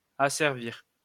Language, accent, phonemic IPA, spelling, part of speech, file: French, France, /a.sɛʁ.viʁ/, asservir, verb, LL-Q150 (fra)-asservir.wav
- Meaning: to enslave